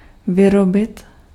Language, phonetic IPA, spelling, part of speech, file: Czech, [ˈvɪrobɪt], vyrobit, verb, Cs-vyrobit.ogg
- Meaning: to produce, to manufacture